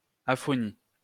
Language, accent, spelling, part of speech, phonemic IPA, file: French, France, aphonie, noun, /a.fɔ.ni/, LL-Q150 (fra)-aphonie.wav
- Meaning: aphonia, aphony